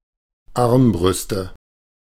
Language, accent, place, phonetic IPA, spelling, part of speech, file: German, Germany, Berlin, [ˈaʁmbʁʏstə], Armbrüste, noun, De-Armbrüste.ogg
- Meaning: nominative/accusative/genitive plural of Armbrust